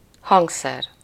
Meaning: musical instrument
- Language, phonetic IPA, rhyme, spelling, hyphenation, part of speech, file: Hungarian, [ˈhɒŋksɛr], -ɛr, hangszer, hang‧szer, noun, Hu-hangszer.ogg